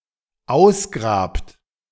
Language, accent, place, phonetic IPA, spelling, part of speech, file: German, Germany, Berlin, [ˈaʊ̯sˌɡʁaːpt], ausgrabt, verb, De-ausgrabt.ogg
- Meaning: second-person plural dependent present of ausgraben